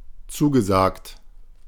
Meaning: past participle of zusagen
- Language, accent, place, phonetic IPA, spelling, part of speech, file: German, Germany, Berlin, [ˈt͡suːɡəˌzaːkt], zugesagt, verb, De-zugesagt.ogg